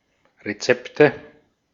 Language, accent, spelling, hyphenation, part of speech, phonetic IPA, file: German, Austria, Rezepte, Re‧zep‧te, noun, [ʁeˈt͡sɛptə], De-at-Rezepte.ogg
- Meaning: nominative/accusative/genitive plural of Rezept